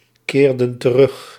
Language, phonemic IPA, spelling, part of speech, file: Dutch, /ˈkerdə(n) t(ə)ˈrʏx/, keerden terug, verb, Nl-keerden terug.ogg
- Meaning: inflection of terugkeren: 1. plural past indicative 2. plural past subjunctive